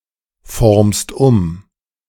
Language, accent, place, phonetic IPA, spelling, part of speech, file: German, Germany, Berlin, [ˌfɔʁmst ˈʊm], formst um, verb, De-formst um.ogg
- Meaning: second-person singular present of umformen